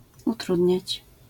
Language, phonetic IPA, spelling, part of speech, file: Polish, [uˈtrudʲɲät͡ɕ], utrudniać, verb, LL-Q809 (pol)-utrudniać.wav